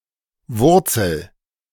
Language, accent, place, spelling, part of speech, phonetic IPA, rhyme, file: German, Germany, Berlin, wurzel, verb, [ˈvʊʁt͡sl̩], -ʊʁt͡sl̩, De-wurzel.ogg
- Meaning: inflection of wurzeln: 1. first-person singular present 2. singular imperative